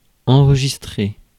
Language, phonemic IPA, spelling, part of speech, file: French, /ɑ̃.ʁ(ə).ʒis.tʁe/, enregistrer, verb, Fr-enregistrer.ogg
- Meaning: 1. to record for later replay or use, especially sound 2. to tape a movie or otherwise record it 3. to inscribe on a register or similar support 4. to record on 5. to save